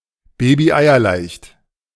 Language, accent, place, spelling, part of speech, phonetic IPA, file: German, Germany, Berlin, babyeierleicht, adjective, [ˈbeːbiʔaɪ̯ɐˌlaɪ̯çt], De-babyeierleicht.ogg
- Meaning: easy peasy